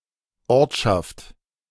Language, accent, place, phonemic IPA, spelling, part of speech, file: German, Germany, Berlin, /ˈɔʁtʃaft/, Ortschaft, noun, De-Ortschaft.ogg
- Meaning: 1. village, small town 2. place